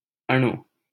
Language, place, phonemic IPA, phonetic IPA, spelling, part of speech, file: Hindi, Delhi, /ə.ɳuː/, [ɐ.ɳuː], अणु, noun, LL-Q1568 (hin)-अणु.wav
- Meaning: 1. molecule 2. particle